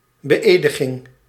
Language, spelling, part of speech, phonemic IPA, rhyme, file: Dutch, beëdiging, noun, /bəˈeː.də.ɣɪŋ/, -eːdəɣɪŋ, Nl-beëdiging.ogg
- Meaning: the act of swearing in